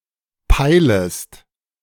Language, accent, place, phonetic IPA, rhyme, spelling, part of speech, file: German, Germany, Berlin, [ˈpaɪ̯ləst], -aɪ̯ləst, peilest, verb, De-peilest.ogg
- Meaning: second-person singular subjunctive I of peilen